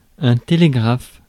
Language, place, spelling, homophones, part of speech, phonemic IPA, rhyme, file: French, Paris, télégraphe, télégraphes, noun, /te.le.ɡʁaf/, -af, Fr-télégraphe.ogg
- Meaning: telegraph